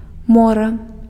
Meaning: sea
- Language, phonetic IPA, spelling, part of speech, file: Belarusian, [ˈmora], мора, noun, Be-мора.ogg